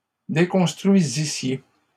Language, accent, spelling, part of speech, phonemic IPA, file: French, Canada, déconstruisissiez, verb, /de.kɔ̃s.tʁɥi.zi.sje/, LL-Q150 (fra)-déconstruisissiez.wav
- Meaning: second-person plural imperfect subjunctive of déconstruire